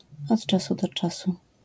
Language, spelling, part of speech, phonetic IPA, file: Polish, od czasu do czasu, adverbial phrase, [ɔt‿ˈt͡ʃasu dɔ‿ˈt͡ʃasu], LL-Q809 (pol)-od czasu do czasu.wav